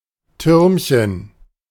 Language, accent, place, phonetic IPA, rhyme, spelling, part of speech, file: German, Germany, Berlin, [ˈtʏʁmçən], -ʏʁmçən, Türmchen, noun, De-Türmchen.ogg
- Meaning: diminutive of Turm